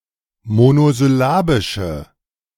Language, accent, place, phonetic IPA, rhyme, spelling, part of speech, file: German, Germany, Berlin, [monozʏˈlaːbɪʃə], -aːbɪʃə, monosyllabische, adjective, De-monosyllabische.ogg
- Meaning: inflection of monosyllabisch: 1. strong/mixed nominative/accusative feminine singular 2. strong nominative/accusative plural 3. weak nominative all-gender singular